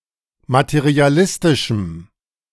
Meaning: strong dative masculine/neuter singular of materialistisch
- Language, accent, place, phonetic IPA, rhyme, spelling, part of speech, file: German, Germany, Berlin, [matəʁiaˈlɪstɪʃm̩], -ɪstɪʃm̩, materialistischem, adjective, De-materialistischem.ogg